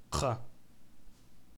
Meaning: grave
- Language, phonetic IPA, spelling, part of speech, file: Kabardian, [q͡χa], кхъэ, noun, Qkhaa.ogg